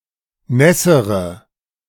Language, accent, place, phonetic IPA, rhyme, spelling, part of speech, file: German, Germany, Berlin, [ˈnɛsəʁə], -ɛsəʁə, nässere, adjective, De-nässere.ogg
- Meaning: inflection of nass: 1. strong/mixed nominative/accusative feminine singular comparative degree 2. strong nominative/accusative plural comparative degree